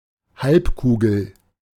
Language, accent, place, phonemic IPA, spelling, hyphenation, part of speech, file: German, Germany, Berlin, /ˈhalpˌkuːɡl̩/, Halbkugel, Halb‧ku‧gel, noun, De-Halbkugel.ogg
- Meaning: hemisphere, half of any sphere